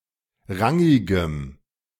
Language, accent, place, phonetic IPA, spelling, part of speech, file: German, Germany, Berlin, [ˈʁaŋɪɡəm], rangigem, adjective, De-rangigem.ogg
- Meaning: strong dative masculine/neuter singular of rangig